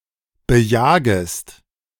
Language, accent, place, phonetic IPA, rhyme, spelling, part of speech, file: German, Germany, Berlin, [bəˈjaːɡəst], -aːɡəst, bejagest, verb, De-bejagest.ogg
- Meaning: second-person singular subjunctive I of bejagen